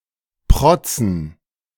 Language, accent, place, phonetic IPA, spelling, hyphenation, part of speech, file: German, Germany, Berlin, [ˈpʁɔt͡sn̩], protzen, prot‧zen, verb, De-protzen.ogg
- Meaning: to flaunt, to show off